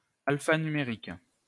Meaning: alphanumeric
- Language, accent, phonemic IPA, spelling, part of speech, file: French, France, /al.fa.ny.me.ʁik/, alphanumérique, adjective, LL-Q150 (fra)-alphanumérique.wav